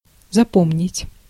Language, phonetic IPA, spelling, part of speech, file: Russian, [zɐˈpomnʲɪtʲ], запомнить, verb, Ru-запомнить.ogg
- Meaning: 1. to remember, to keep in mind 2. to memorize